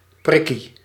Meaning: alternative form of prikje
- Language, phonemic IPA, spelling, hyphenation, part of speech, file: Dutch, /ˈprɪ.ki/, prikkie, prik‧kie, noun, Nl-prikkie.ogg